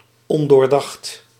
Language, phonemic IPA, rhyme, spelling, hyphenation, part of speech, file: Dutch, /ˌɔn.doːrˈdɑxt/, -ɑxt, ondoordacht, on‧door‧dacht, adjective, Nl-ondoordacht.ogg
- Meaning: thoughtless, rash, not thought through